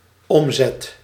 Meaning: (noun) revenue, turnover; top line; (verb) first/second/third-person singular dependent-clause present indicative of omzetten
- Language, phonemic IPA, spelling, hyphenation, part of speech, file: Dutch, /ˈɔm.zɛt/, omzet, om‧zet, noun / verb, Nl-omzet.ogg